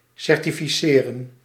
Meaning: to certify, to provide with a certificate
- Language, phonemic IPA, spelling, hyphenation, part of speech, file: Dutch, /ˌsɛr.ti.fiˈseː.rə(n)/, certificeren, cer‧ti‧fi‧ce‧ren, verb, Nl-certificeren.ogg